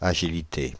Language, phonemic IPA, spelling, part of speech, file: French, /a.ʒi.li.te/, agilité, noun, Fr-agilité.ogg
- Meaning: agility